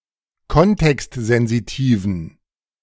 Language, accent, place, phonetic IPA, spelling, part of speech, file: German, Germany, Berlin, [ˈkɔntɛkstzɛnziˌtiːvn̩], kontextsensitiven, adjective, De-kontextsensitiven.ogg
- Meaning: inflection of kontextsensitiv: 1. strong genitive masculine/neuter singular 2. weak/mixed genitive/dative all-gender singular 3. strong/weak/mixed accusative masculine singular 4. strong dative plural